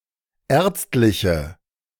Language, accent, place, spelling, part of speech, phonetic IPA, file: German, Germany, Berlin, ärztliche, adjective, [ˈɛːɐ̯t͡stlɪçə], De-ärztliche.ogg
- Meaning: inflection of ärztlich: 1. strong/mixed nominative/accusative feminine singular 2. strong nominative/accusative plural 3. weak nominative all-gender singular